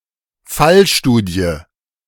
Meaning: case study
- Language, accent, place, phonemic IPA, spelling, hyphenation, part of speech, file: German, Germany, Berlin, /ˈfalˌʃtuːdi̯ə/, Fallstudie, Fall‧stu‧die, noun, De-Fallstudie.ogg